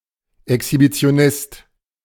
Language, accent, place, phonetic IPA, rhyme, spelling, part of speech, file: German, Germany, Berlin, [ɛkshibit͡si̯oˈnɪst], -ɪst, Exhibitionist, noun, De-Exhibitionist.ogg
- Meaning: exhibitionist